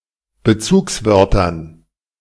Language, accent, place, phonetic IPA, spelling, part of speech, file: German, Germany, Berlin, [bəˈt͡suːksˌvœʁtɐn], Bezugswörtern, noun, De-Bezugswörtern.ogg
- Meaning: dative plural of Bezugswort